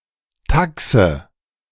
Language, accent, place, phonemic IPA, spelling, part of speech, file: German, Germany, Berlin, /ˈtaksə/, Taxe, noun, De-Taxe.ogg
- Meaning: 1. fee, tariff, tax (a payment required to cover administrative costs or in exchange for a service) 2. alternative form of Taxi